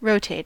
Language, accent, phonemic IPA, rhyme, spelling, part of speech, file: English, US, /ˈɹoʊ.teɪt/, -eɪt, rotate, verb / adjective, En-us-rotate.ogg
- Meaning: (verb) 1. To spin, turn, or revolve 2. To advance through a sequence; to take turns 3. To lift the nose during takeoff, just prior to liftoff 4. To spin, turn, or revolve something